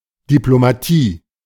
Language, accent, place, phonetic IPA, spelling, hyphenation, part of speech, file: German, Germany, Berlin, [diplomaˈtiː], Diplomatie, Di‧p‧lo‧ma‧tie, noun, De-Diplomatie.ogg
- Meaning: diplomacy